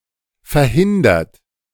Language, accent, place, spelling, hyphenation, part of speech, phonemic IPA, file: German, Germany, Berlin, verhindert, ver‧hin‧dert, verb / adjective, /fɛʁˈhɪndɐt/, De-verhindert.ogg
- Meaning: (verb) past participle of verhindern; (adjective) indisposed, unavailable, busy; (verb) inflection of verhindern: 1. third-person singular present 2. second-person plural present 3. plural imperative